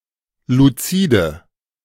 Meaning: inflection of luzid: 1. strong/mixed nominative/accusative feminine singular 2. strong nominative/accusative plural 3. weak nominative all-gender singular 4. weak accusative feminine/neuter singular
- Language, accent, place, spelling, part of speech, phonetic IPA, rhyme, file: German, Germany, Berlin, luzide, adjective, [luˈt͡siːdə], -iːdə, De-luzide.ogg